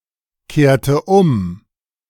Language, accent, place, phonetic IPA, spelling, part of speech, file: German, Germany, Berlin, [ˌkeːɐ̯tə ˈʔʊm], kehrte um, verb, De-kehrte um.ogg
- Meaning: inflection of umkehren: 1. first/third-person singular preterite 2. first/third-person singular subjunctive II